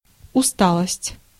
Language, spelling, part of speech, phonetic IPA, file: Russian, усталость, noun, [ʊˈstaɫəsʲtʲ], Ru-усталость.ogg
- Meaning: 1. weariness, tiredness, fatigue, languor, lassitude 2. fatigue (of repeatedly stressed material) 3. exhaustion (of soil)